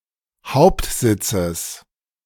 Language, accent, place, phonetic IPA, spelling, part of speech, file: German, Germany, Berlin, [ˈhaʊ̯ptˌzɪt͡səs], Hauptsitzes, noun, De-Hauptsitzes.ogg
- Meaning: genitive singular of Hauptsitz